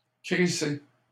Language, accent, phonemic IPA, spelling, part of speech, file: French, Canada, /kʁi.se/, crisser, verb, LL-Q150 (fra)-crisser.wav
- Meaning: 1. to screech, to squeak 2. to crunch (noise made by walking in snow) 3. to throw 4. to not give a fuck, to not care